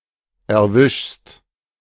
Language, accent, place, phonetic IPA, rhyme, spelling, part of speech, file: German, Germany, Berlin, [ɛɐ̯ˈvɪʃst], -ɪʃst, erwischst, verb, De-erwischst.ogg
- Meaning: second-person singular present of erwischen